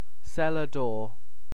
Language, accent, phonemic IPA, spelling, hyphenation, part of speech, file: English, Received Pronunciation, /ˌsɛlə ˈdɔː/, cellar door, cel‧lar door, noun, En-uk-cellar door.ogg
- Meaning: 1. A door leading to a cellar 2. The part of a winery from which wine may be sampled or purchased